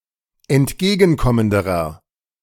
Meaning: inflection of entgegenkommend: 1. strong/mixed nominative masculine singular comparative degree 2. strong genitive/dative feminine singular comparative degree
- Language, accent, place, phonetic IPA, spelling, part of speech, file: German, Germany, Berlin, [ɛntˈɡeːɡn̩ˌkɔməndəʁɐ], entgegenkommenderer, adjective, De-entgegenkommenderer.ogg